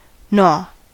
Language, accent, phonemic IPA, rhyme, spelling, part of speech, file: English, US, /nɔ/, -ɔː, gnaw, verb / noun, En-us-gnaw.ogg
- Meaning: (verb) 1. To bite something persistently, especially something tough 2. To produce excessive anxiety or worry 3. To corrode; to fret away; to waste; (noun) The act of gnawing